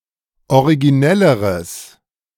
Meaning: strong/mixed nominative/accusative neuter singular comparative degree of originell
- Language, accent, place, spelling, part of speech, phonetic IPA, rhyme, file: German, Germany, Berlin, originelleres, adjective, [oʁiɡiˈnɛləʁəs], -ɛləʁəs, De-originelleres.ogg